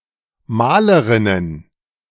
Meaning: plural of Malerin
- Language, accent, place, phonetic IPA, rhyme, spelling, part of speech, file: German, Germany, Berlin, [ˈmaːləʁɪnən], -aːləʁɪnən, Malerinnen, noun, De-Malerinnen.ogg